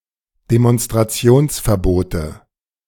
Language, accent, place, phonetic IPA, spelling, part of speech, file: German, Germany, Berlin, [demɔnstʁaˈt͡si̯oːnsfɛɐ̯ˌboːtə], Demonstrationsverbote, noun, De-Demonstrationsverbote.ogg
- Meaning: nominative/accusative/genitive plural of Demonstrationsverbot